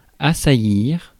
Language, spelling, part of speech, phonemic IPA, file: French, assaillir, verb, /a.sa.jiʁ/, Fr-assaillir.ogg
- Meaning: to assail; to assault; to attack